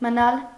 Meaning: to stay, to remain
- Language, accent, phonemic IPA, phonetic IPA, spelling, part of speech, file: Armenian, Eastern Armenian, /məˈnɑl/, [mənɑ́l], մնալ, verb, Hy-մնալ.ogg